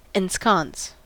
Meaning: 1. To place in a secure environment 2. To settle comfortably
- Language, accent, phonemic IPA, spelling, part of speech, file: English, US, /ɛnˈskɑns/, ensconce, verb, En-us-ensconce.ogg